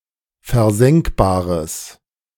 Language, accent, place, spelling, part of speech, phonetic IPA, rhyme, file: German, Germany, Berlin, versenkbares, adjective, [fɛɐ̯ˈzɛŋkbaːʁəs], -ɛŋkbaːʁəs, De-versenkbares.ogg
- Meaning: strong/mixed nominative/accusative neuter singular of versenkbar